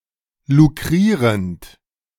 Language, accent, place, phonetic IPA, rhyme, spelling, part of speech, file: German, Germany, Berlin, [luˈkʁiːʁənt], -iːʁənt, lukrierend, verb, De-lukrierend.ogg
- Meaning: present participle of lukrieren